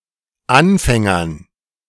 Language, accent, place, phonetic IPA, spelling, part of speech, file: German, Germany, Berlin, [ˈanˌfɛŋɐn], Anfängern, noun, De-Anfängern.ogg
- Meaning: dative plural of Anfänger